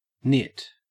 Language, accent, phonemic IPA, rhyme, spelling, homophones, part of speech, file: English, Australia, /nɪt/, -ɪt, nit, knit / gnit, noun / verb, En-au-nit.ogg
- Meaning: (noun) 1. The egg of a louse 2. A young louse 3. A head louse regardless of its age 4. A fool, a nitwit 5. A minor shortcoming; the object of a nitpick 6. A nitpicker